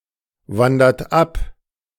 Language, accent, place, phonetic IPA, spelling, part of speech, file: German, Germany, Berlin, [ˌvandɐt ˈap], wandert ab, verb, De-wandert ab.ogg
- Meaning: inflection of abwandern: 1. third-person singular present 2. second-person plural present 3. plural imperative